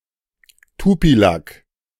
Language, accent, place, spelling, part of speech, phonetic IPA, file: German, Germany, Berlin, Tupilak, noun, [ˈtupilak], De-Tupilak.ogg
- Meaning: a tupilak